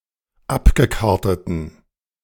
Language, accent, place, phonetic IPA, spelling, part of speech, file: German, Germany, Berlin, [ˈapɡəˌkaʁtətn̩], abgekarteten, adjective, De-abgekarteten.ogg
- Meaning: inflection of abgekartet: 1. strong genitive masculine/neuter singular 2. weak/mixed genitive/dative all-gender singular 3. strong/weak/mixed accusative masculine singular 4. strong dative plural